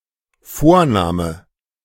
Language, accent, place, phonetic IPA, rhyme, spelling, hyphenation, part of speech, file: German, Germany, Berlin, [ˈfoːɐ̯ˌnaːmə], -aːmə, Vorname, Vor‧na‧me, noun, De-Vorname.ogg
- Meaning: given name (name chosen for a child by its parents)